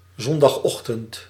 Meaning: Sunday morning
- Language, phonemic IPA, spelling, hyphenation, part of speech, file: Dutch, /ˌzɔn.dɑxˈɔx.tənt/, zondagochtend, zon‧dag‧och‧tend, noun, Nl-zondagochtend.ogg